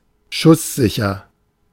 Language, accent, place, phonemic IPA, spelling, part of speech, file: German, Germany, Berlin, /ˈʃʊsˌzɪçɐ/, schusssicher, adjective, De-schusssicher.ogg
- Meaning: bulletproof